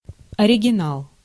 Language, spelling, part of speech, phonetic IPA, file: Russian, оригинал, noun, [ɐrʲɪɡʲɪˈnaɫ], Ru-оригинал.ogg
- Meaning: 1. original (object from which all later copies and variations are derived) 2. eccentric